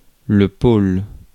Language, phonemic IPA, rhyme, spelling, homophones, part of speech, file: French, /pol/, -ol, pôle, pôles, noun, Fr-pôle.ogg
- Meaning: 1. pole 2. centre, hub